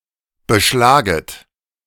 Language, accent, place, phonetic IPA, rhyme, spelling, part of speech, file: German, Germany, Berlin, [bəˈʃlaːɡət], -aːɡət, beschlaget, verb, De-beschlaget.ogg
- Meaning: second-person plural subjunctive I of beschlagen